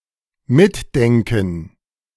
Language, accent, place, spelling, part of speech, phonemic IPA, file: German, Germany, Berlin, mitdenken, verb, /ˈmɪtˌdɛŋkn̩/, De-mitdenken2.ogg
- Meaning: to follow